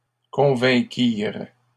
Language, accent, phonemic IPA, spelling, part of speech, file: French, Canada, /kɔ̃.vɛ̃.kiʁ/, convainquirent, verb, LL-Q150 (fra)-convainquirent.wav
- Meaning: third-person plural past historic of convaincre